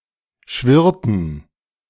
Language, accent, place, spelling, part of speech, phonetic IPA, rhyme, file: German, Germany, Berlin, schwirrten, verb, [ˈʃvɪʁtn̩], -ɪʁtn̩, De-schwirrten.ogg
- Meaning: inflection of schwirren: 1. first/third-person plural preterite 2. first/third-person plural subjunctive II